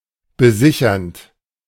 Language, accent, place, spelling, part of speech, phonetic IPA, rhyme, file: German, Germany, Berlin, besichernd, verb, [bəˈzɪçɐnt], -ɪçɐnt, De-besichernd.ogg
- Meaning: present participle of besichern